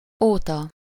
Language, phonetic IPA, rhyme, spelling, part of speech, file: Hungarian, [ˈoːtɒ], -tɒ, óta, postposition, Hu-óta.ogg
- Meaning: 1. since (a point in time) 2. since (a point in time): since a person's time, since a person's work 3. for (a duration of time)